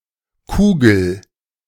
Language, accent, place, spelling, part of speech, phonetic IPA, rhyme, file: German, Germany, Berlin, kugel, verb, [ˈkuːɡl̩], -uːɡl̩, De-kugel.ogg
- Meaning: inflection of kugeln: 1. first-person singular present 2. singular imperative